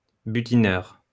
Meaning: 1. browser 2. forager
- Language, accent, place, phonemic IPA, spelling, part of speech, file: French, France, Lyon, /by.ti.nœʁ/, butineur, noun, LL-Q150 (fra)-butineur.wav